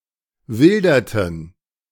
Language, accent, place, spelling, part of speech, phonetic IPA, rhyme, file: German, Germany, Berlin, wilderten, verb, [ˈvɪldɐtn̩], -ɪldɐtn̩, De-wilderten.ogg
- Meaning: inflection of wildern: 1. first/third-person plural preterite 2. first/third-person plural subjunctive II